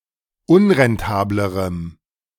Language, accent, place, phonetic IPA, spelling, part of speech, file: German, Germany, Berlin, [ˈʊnʁɛnˌtaːbləʁəm], unrentablerem, adjective, De-unrentablerem.ogg
- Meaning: strong dative masculine/neuter singular comparative degree of unrentabel